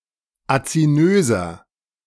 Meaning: inflection of azinös: 1. strong/mixed nominative masculine singular 2. strong genitive/dative feminine singular 3. strong genitive plural
- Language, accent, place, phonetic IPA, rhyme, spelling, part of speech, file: German, Germany, Berlin, [at͡siˈnøːzɐ], -øːzɐ, azinöser, adjective, De-azinöser.ogg